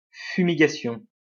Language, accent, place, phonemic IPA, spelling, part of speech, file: French, France, Lyon, /fy.mi.ɡa.sjɔ̃/, fumigation, noun, LL-Q150 (fra)-fumigation.wav
- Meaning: fumigation